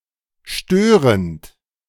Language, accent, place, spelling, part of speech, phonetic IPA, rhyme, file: German, Germany, Berlin, störend, adjective / verb, [ˈʃtøːʁənt], -øːʁənt, De-störend.ogg
- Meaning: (verb) present participle of stören; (adjective) 1. disturbing, annoying 2. spurious 3. disruptive, troublesome